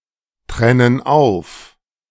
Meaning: inflection of auftrennen: 1. first/third-person plural present 2. first/third-person plural subjunctive I
- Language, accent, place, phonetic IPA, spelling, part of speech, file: German, Germany, Berlin, [ˌtʁɛnən ˈaʊ̯f], trennen auf, verb, De-trennen auf.ogg